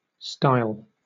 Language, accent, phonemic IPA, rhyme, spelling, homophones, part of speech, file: English, Southern England, /staɪl/, -aɪl, stile, style / Styal, noun / verb, LL-Q1860 (eng)-stile.wav
- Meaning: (noun) A set of one or more steps surmounting a fence or wall, or a narrow gate or contrived passage through a fence or wall, which in either case allows people but not livestock to pass